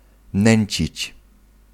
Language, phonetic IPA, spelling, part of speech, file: Polish, [ˈnɛ̃ɲt͡ɕit͡ɕ], nęcić, verb, Pl-nęcić.ogg